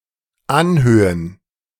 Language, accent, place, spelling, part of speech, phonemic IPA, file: German, Germany, Berlin, Anhöhen, noun, /ˈanˌhøːən/, De-Anhöhen.ogg
- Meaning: plural of Anhöhe